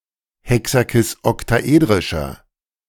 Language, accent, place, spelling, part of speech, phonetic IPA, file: German, Germany, Berlin, hexakisoktaedrischer, adjective, [ˌhɛksakɪsʔɔktaˈʔeːdʁɪʃɐ], De-hexakisoktaedrischer.ogg
- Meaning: inflection of hexakisoktaedrisch: 1. strong/mixed nominative masculine singular 2. strong genitive/dative feminine singular 3. strong genitive plural